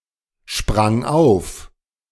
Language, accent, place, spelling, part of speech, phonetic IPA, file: German, Germany, Berlin, sprang auf, verb, [ˌʃpʁaŋ ˈaʊ̯f], De-sprang auf.ogg
- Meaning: first/third-person singular preterite of aufspringen